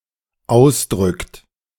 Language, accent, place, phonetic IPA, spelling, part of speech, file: German, Germany, Berlin, [ˈaʊ̯sˌdʁʏkt], ausdrückt, verb, De-ausdrückt.ogg
- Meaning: second-person plural present of ausdrücken